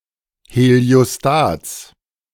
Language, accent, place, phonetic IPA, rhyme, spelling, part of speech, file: German, Germany, Berlin, [heli̯oˈstaːt͡s], -aːt͡s, Heliostats, noun, De-Heliostats.ogg
- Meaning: genitive singular of Heliostat